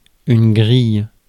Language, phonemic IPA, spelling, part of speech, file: French, /ɡʁij/, grille, noun / verb, Fr-grille.ogg
- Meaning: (noun) 1. bars; railings; rack; grate 2. gate (with bars) 3. grid; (verb) inflection of griller: 1. first/third-person singular present indicative/subjunctive 2. second-person singular imperative